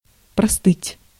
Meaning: 1. to get cold 2. to catch a cold
- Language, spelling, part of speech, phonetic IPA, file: Russian, простыть, verb, [prɐˈstɨtʲ], Ru-простыть.ogg